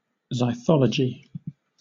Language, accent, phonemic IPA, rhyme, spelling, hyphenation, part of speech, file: English, Southern England, /zaɪˈθɒ.lə.d͡ʒi/, -ɒlədʒi, zythology, zy‧tho‧lo‧gy, noun, LL-Q1860 (eng)-zythology.wav
- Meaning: The study of beer and beer-brewing